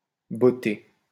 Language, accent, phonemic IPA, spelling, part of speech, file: French, France, /bɔ.te/, botté, adjective / verb, LL-Q150 (fra)-botté.wav
- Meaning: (adjective) booted; wearing boots; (verb) past participle of botter